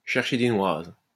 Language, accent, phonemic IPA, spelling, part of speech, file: French, France, /ʃɛʁ.ʃe de nwaz/, chercher des noises, verb, LL-Q150 (fra)-chercher des noises.wav
- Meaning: to try and pick a fight, to try to pick a quarrel